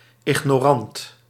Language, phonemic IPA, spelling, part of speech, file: Dutch, /ˌɪɣnoːˈrɑnt/, ignorant, adjective, Nl-ignorant.ogg
- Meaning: ignorant